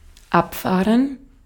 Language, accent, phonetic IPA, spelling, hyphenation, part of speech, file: German, Austria, [ˈapfaːrən], abfahren, ab‧fah‧ren, verb, De-at-abfahren.ogg
- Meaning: 1. to depart, to leave 2. to carry off, to remove 3. to go for; to be crazy about, for; to be a fan of or infatuated with [with auf ‘someone/something’]